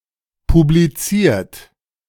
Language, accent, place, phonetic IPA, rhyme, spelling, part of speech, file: German, Germany, Berlin, [publiˈt͡siːɐ̯t], -iːɐ̯t, publiziert, adjective / verb, De-publiziert.ogg
- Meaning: past participle of publizieren